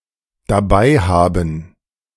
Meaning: to have (something) with oneself
- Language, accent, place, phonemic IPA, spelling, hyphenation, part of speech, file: German, Germany, Berlin, /daˈbaɪ̯ˌhaːbn̩/, dabeihaben, da‧bei‧ha‧ben, verb, De-dabeihaben.ogg